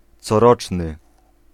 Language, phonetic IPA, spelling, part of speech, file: Polish, [t͡sɔˈrɔt͡ʃnɨ], coroczny, adjective, Pl-coroczny.ogg